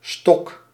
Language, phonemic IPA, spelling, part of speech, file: Dutch, /stɔk/, stock, noun, Nl-stock.ogg
- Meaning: 1. stock, goods in supply 2. basic capital 3. shares (equity)